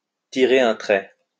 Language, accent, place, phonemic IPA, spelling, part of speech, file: French, France, Lyon, /ti.ʁe‿.œ̃ tʁɛ/, tirer un trait, verb, LL-Q150 (fra)-tirer un trait.wav
- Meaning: 1. to draw a line 2. to cross out 3. to forsake, to kiss goodbye (to) (to give up reluctantly)